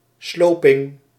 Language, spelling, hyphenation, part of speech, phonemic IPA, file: Dutch, sloping, slo‧ping, noun, /ˈsloː.pɪŋ/, Nl-sloping.ogg
- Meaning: demolition, the act or process of demolishing